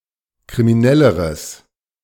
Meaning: strong/mixed nominative/accusative neuter singular comparative degree of kriminell
- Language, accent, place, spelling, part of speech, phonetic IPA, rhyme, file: German, Germany, Berlin, kriminelleres, adjective, [kʁimiˈnɛləʁəs], -ɛləʁəs, De-kriminelleres.ogg